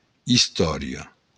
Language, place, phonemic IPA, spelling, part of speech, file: Occitan, Béarn, /isˈtɔ.ɾjo̞/, istòria, noun, LL-Q14185 (oci)-istòria.wav
- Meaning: 1. history (events or study of the past) 2. story; tale; fable